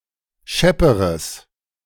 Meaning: strong/mixed nominative/accusative neuter singular comparative degree of schepp
- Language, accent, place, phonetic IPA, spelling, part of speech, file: German, Germany, Berlin, [ˈʃɛpəʁəs], schepperes, adjective, De-schepperes.ogg